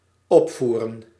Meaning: 1. to perform (e.g. a play or opera) 2. to soup up, to tune up 3. to increase, to intensify 4. to raise, to lift up 5. to exalt, to elate
- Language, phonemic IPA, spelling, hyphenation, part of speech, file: Dutch, /ˈɔpˌvu.rə(n)/, opvoeren, op‧voe‧ren, verb, Nl-opvoeren.ogg